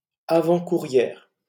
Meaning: feminine singular of avant-coureur
- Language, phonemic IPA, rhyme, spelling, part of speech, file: French, /a.vɑ̃.ku.ʁjɛʁ/, -ɛʁ, avant-courrière, adjective, LL-Q150 (fra)-avant-courrière.wav